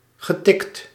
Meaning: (adjective) crazy; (verb) past participle of tikken
- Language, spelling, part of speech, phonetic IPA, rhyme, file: Dutch, getikt, adjective / verb, [ɣə.ˈtɪkt], -ɪkt, Nl-getikt.ogg